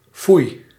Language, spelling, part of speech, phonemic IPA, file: Dutch, foei, interjection, /fuj/, Nl-foei.ogg
- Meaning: bah!, fie!